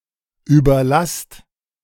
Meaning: inflection of überlassen: 1. second-person plural present 2. plural imperative
- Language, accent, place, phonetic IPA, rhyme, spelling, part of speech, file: German, Germany, Berlin, [ˌyːbɐˈlast], -ast, überlasst, verb, De-überlasst.ogg